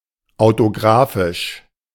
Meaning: autographic
- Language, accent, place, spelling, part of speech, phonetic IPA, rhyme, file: German, Germany, Berlin, autografisch, adjective, [aʊ̯toˈɡʁaːfɪʃ], -aːfɪʃ, De-autografisch.ogg